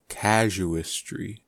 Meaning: The process of answering practical questions by means of interpretation of rules, or of cases that illustrate such rules, especially in ethics; case-based reasoning
- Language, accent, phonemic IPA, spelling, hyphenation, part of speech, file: English, US, /ˈkæʒuːəstɹi/, casuistry, ca‧su‧ist‧ry, noun, En-us-casuistry.ogg